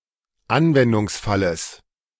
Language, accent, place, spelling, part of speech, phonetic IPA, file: German, Germany, Berlin, Anwendungsfalles, noun, [ˈanvɛndʊŋsˌfaləs], De-Anwendungsfalles.ogg
- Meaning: genitive singular of Anwendungsfall